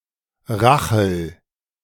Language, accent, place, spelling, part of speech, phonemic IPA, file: German, Germany, Berlin, Rachel, proper noun, /ˈʁaxəl/, De-Rachel.ogg
- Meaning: 1. Rachel (biblical figure) 2. a female given name of rare usage